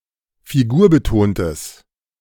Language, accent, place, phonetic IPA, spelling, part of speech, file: German, Germany, Berlin, [fiˈɡuːɐ̯bəˌtoːntəs], figurbetontes, adjective, De-figurbetontes.ogg
- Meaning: strong/mixed nominative/accusative neuter singular of figurbetont